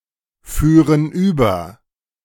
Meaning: first-person plural subjunctive II of überfahren
- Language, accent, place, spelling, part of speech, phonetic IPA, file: German, Germany, Berlin, führen über, verb, [ˌfyːʁən ˈyːbɐ], De-führen über.ogg